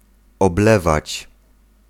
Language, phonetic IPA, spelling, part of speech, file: Polish, [ɔbˈlɛvat͡ɕ], oblewać, verb, Pl-oblewać.ogg